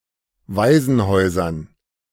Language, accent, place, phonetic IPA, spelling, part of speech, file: German, Germany, Berlin, [ˈvaɪ̯zn̩ˌhɔɪ̯zɐn], Waisenhäusern, noun, De-Waisenhäusern.ogg
- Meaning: dative plural of Waisenhaus